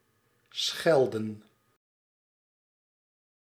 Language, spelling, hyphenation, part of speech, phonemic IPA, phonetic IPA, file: Dutch, schelden, schel‧den, verb, /ˈsxɛl.də(n)/, [ˈsxɛɫ.də(n)], Nl-schelden.ogg
- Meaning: 1. to scold, to swear 2. inflection of schellen: plural past indicative 3. inflection of schellen: plural past subjunctive